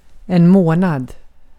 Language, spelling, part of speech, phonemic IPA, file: Swedish, månad, noun, /ˈmoː.nad/, Sv-månad.ogg
- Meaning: a month